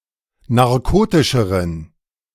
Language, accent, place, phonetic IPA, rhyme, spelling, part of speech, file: German, Germany, Berlin, [naʁˈkoːtɪʃəʁən], -oːtɪʃəʁən, narkotischeren, adjective, De-narkotischeren.ogg
- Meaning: inflection of narkotisch: 1. strong genitive masculine/neuter singular comparative degree 2. weak/mixed genitive/dative all-gender singular comparative degree